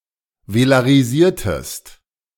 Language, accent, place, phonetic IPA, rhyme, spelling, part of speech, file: German, Germany, Berlin, [velaʁiˈziːɐ̯təst], -iːɐ̯təst, velarisiertest, verb, De-velarisiertest.ogg
- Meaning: inflection of velarisieren: 1. second-person singular preterite 2. second-person singular subjunctive II